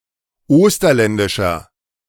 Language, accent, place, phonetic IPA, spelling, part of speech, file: German, Germany, Berlin, [ˈoːstɐlɛndɪʃɐ], osterländischer, adjective, De-osterländischer.ogg
- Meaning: inflection of osterländisch: 1. strong/mixed nominative masculine singular 2. strong genitive/dative feminine singular 3. strong genitive plural